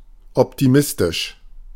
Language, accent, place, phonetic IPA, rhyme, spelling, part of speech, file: German, Germany, Berlin, [ˌɔptiˈmɪstɪʃ], -ɪstɪʃ, optimistisch, adjective, De-optimistisch.ogg
- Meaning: optimistic